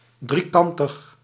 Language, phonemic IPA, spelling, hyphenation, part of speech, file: Dutch, /ˌdriˈkɑn.təx/, driekantig, drie‧kan‧tig, adjective, Nl-driekantig.ogg
- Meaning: triangular